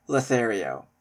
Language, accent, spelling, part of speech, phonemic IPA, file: English, Canada, Lothario, noun, /loʊˈθɛəɹioʊ/, En-ca-lothario.ogg
- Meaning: A man whose chief interest is seducing, usually women